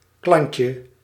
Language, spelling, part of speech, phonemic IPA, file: Dutch, klantje, noun, /ˈklɑɲcə/, Nl-klantje.ogg
- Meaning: diminutive of klant